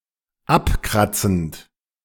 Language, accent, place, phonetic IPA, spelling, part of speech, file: German, Germany, Berlin, [ˈapˌkʁat͡sn̩t], abkratzend, verb, De-abkratzend.ogg
- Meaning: present participle of abkratzen